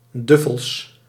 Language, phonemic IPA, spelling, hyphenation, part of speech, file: Dutch, /ˈdʏ.fəls/, duffels, duf‧fels, adjective, Nl-duffels.ogg
- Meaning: made from duffel (cloth)